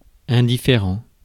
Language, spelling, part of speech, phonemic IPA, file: French, indifférent, adjective, /ɛ̃.di.fe.ʁɑ̃/, Fr-indifférent.ogg
- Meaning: 1. indifferent 2. of no difference; uninteresting, unconcerning, unimportant